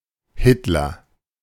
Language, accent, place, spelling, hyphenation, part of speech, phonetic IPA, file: German, Germany, Berlin, Hitler, Hit‧ler, proper noun, [ˈhɪtlɐ], De-Hitler.ogg
- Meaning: 1. a surname 2. Adolf Hitler